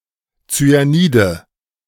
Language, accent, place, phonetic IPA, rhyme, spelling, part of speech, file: German, Germany, Berlin, [t͡syaˈniːdə], -iːdə, Zyanide, noun, De-Zyanide.ogg
- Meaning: nominative/accusative/genitive plural of Zyanid